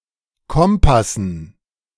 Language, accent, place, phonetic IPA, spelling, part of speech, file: German, Germany, Berlin, [ˈkɔmpasn̩], Kompassen, noun, De-Kompassen.ogg
- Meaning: dative plural of Kompass